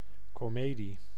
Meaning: comedy
- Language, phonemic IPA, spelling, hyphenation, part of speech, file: Dutch, /koˈmedi/, komedie, ko‧me‧die, noun, Nl-komedie.ogg